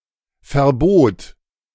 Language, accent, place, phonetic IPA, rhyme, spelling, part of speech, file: German, Germany, Berlin, [fɛɐ̯ˈboːt], -oːt, verbot, verb, De-verbot.ogg
- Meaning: first/third-person singular preterite of verbieten